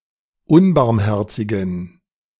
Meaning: inflection of unbarmherzig: 1. strong genitive masculine/neuter singular 2. weak/mixed genitive/dative all-gender singular 3. strong/weak/mixed accusative masculine singular 4. strong dative plural
- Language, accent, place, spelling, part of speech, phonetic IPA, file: German, Germany, Berlin, unbarmherzigen, adjective, [ˈʊnbaʁmˌhɛʁt͡sɪɡn̩], De-unbarmherzigen.ogg